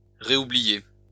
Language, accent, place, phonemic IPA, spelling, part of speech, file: French, France, Lyon, /ʁe.u.bli.je/, réoublier, verb, LL-Q150 (fra)-réoublier.wav
- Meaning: to reforget; to forget again